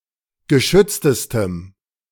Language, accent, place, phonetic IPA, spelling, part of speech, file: German, Germany, Berlin, [ɡəˈʃʏt͡stəstəm], geschütztestem, adjective, De-geschütztestem.ogg
- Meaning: strong dative masculine/neuter singular superlative degree of geschützt